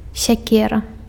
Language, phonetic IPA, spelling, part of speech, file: Belarusian, [sʲaˈkʲera], сякера, noun, Be-сякера.ogg
- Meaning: axe